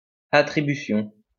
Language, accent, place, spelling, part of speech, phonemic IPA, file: French, France, Lyon, attribution, noun, /a.tʁi.by.sjɔ̃/, LL-Q150 (fra)-attribution.wav
- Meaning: 1. allocation, allotment 2. remit, duty